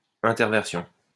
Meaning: 1. swapping; inversion; reversal 2. transposition (of letters) 3. metathesis
- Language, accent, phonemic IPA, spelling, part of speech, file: French, France, /ɛ̃.tɛʁ.vɛʁ.sjɔ̃/, interversion, noun, LL-Q150 (fra)-interversion.wav